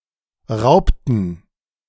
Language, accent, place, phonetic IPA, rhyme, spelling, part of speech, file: German, Germany, Berlin, [ˈʁaʊ̯ptn̩], -aʊ̯ptn̩, raubten, verb, De-raubten.ogg
- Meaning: inflection of rauben: 1. first/third-person plural preterite 2. first/third-person plural subjunctive II